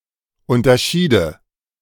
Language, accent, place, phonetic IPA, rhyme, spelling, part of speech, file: German, Germany, Berlin, [ˌʊntɐˈʃiːdə], -iːdə, unterschiede, verb, De-unterschiede.ogg
- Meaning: first/third-person singular subjunctive II of unterscheiden